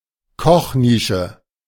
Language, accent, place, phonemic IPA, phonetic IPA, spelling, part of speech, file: German, Germany, Berlin, /ˈkɔχˌniːʃə/, [ˈkɔxˌniːʃə], Kochnische, noun, De-Kochnische.ogg
- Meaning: small kitchen-like area that's too small to be called a real kitchen, a kitchenette